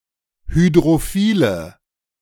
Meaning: inflection of hydrophil: 1. strong/mixed nominative/accusative feminine singular 2. strong nominative/accusative plural 3. weak nominative all-gender singular
- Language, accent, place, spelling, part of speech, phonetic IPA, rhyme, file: German, Germany, Berlin, hydrophile, adjective, [hydʁoˈfiːlə], -iːlə, De-hydrophile.ogg